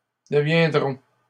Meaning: first-person plural future of devenir
- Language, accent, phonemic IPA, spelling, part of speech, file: French, Canada, /də.vjɛ̃.dʁɔ̃/, deviendrons, verb, LL-Q150 (fra)-deviendrons.wav